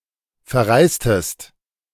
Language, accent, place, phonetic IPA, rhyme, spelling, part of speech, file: German, Germany, Berlin, [fɛɐ̯ˈʁaɪ̯stəst], -aɪ̯stəst, verreistest, verb, De-verreistest.ogg
- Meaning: inflection of verreisen: 1. second-person singular preterite 2. second-person singular subjunctive II